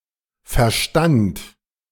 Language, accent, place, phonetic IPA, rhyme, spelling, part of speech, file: German, Germany, Berlin, [fɛɐ̯ˈʃtant], -ant, verstand, verb, De-verstand.ogg
- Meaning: first/third-person singular preterite of verstehen